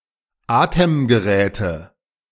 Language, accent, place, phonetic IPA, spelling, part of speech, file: German, Germany, Berlin, [ˈaːtəmɡəˌʁɛːtə], Atemgeräte, noun, De-Atemgeräte.ogg
- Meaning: nominative/accusative/genitive plural of Atemgerät